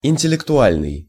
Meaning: intellectual (belonging to, or performed by, the intellect; mental or cognitive)
- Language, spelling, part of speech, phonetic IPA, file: Russian, интеллектуальный, adjective, [ɪnʲtʲɪlʲɪktʊˈalʲnɨj], Ru-интеллектуальный.ogg